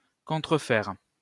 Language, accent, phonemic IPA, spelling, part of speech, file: French, France, /kɔ̃.tʁə.fɛʁ/, contrefaire, verb, LL-Q150 (fra)-contrefaire.wav
- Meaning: 1. to forge, counterfeit 2. to imitate, mimic 3. to disguise 4. to deform, disfigure